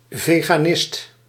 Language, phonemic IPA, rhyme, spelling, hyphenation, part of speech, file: Dutch, /ˌveː.ɣaːˈnɪst/, -ɪst, veganist, ve‧ga‧nist, noun, Nl-veganist.ogg
- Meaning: a vegan